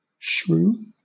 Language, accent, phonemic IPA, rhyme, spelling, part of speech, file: English, Southern England, /ʃɹuː/, -uː, shrew, noun / verb, LL-Q1860 (eng)-shrew.wav
- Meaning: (noun) 1. Any of numerous small, mouselike, chiefly nocturnal, mammals of the family Soricidae 2. Certain other small mammals that resemble true shrews 3. An ill-tempered, nagging woman: a scold